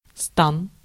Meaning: 1. figure, stature, torso 2. camp, campground 3. side, camp 4. mill, machine
- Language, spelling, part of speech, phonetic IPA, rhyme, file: Russian, стан, noun, [stan], -an, Ru-стан.ogg